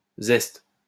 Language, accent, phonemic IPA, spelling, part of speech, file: French, France, /zɛst/, zest, noun, LL-Q150 (fra)-zest.wav
- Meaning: zest (of a fruit)